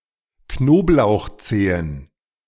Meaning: plural of Knoblauchzehe
- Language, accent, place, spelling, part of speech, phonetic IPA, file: German, Germany, Berlin, Knoblauchzehen, noun, [ˈknoːplaʊ̯xˌt͡seːən], De-Knoblauchzehen.ogg